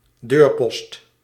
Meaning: doorpost, jamb
- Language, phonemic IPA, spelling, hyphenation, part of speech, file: Dutch, /ˈdøːr.pɔst/, deurpost, deur‧post, noun, Nl-deurpost.ogg